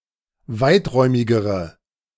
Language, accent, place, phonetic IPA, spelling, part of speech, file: German, Germany, Berlin, [ˈvaɪ̯tˌʁɔɪ̯mɪɡəʁə], weiträumigere, adjective, De-weiträumigere.ogg
- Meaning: inflection of weiträumig: 1. strong/mixed nominative/accusative feminine singular comparative degree 2. strong nominative/accusative plural comparative degree